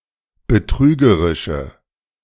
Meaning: inflection of betrügerisch: 1. strong/mixed nominative/accusative feminine singular 2. strong nominative/accusative plural 3. weak nominative all-gender singular
- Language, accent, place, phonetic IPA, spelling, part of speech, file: German, Germany, Berlin, [bəˈtʁyːɡəʁɪʃə], betrügerische, adjective, De-betrügerische.ogg